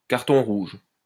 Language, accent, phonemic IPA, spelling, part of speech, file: French, France, /kaʁ.tɔ̃ ʁuʒ/, carton rouge, noun, LL-Q150 (fra)-carton rouge.wav
- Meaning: red card